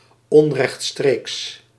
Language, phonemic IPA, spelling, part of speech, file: Dutch, /ˌɔnrɛxtˈstreks/, onrechtstreeks, adjective, Nl-onrechtstreeks.ogg
- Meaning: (adjective) indirect (BE); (adverb) indirectly